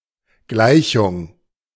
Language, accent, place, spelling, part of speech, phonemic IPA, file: German, Germany, Berlin, Gleichung, noun, /ˈɡlaɪ̯çʊŋ/, De-Gleichung.ogg
- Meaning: equation, equality